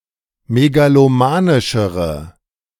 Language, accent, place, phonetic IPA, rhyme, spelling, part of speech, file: German, Germany, Berlin, [meɡaloˈmaːnɪʃəʁə], -aːnɪʃəʁə, megalomanischere, adjective, De-megalomanischere.ogg
- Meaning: inflection of megalomanisch: 1. strong/mixed nominative/accusative feminine singular comparative degree 2. strong nominative/accusative plural comparative degree